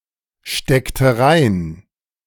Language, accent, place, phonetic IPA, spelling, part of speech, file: German, Germany, Berlin, [ˌʃtɛktə ˈʁaɪ̯n], steckte rein, verb, De-steckte rein.ogg
- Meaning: inflection of reinstecken: 1. first/third-person singular preterite 2. first/third-person singular subjunctive II